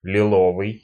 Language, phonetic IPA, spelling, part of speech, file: Russian, [lʲɪˈɫovɨj], лиловый, adjective, Ru-лиловый.ogg
- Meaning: 1. lilac, violet 2. violet, purple